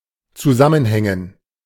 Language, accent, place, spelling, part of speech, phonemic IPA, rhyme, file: German, Germany, Berlin, zusammenhängen, verb, /t͡suˈzamənˌhɛŋən/, -ɛŋən, De-zusammenhängen.ogg
- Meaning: to interrelate, connect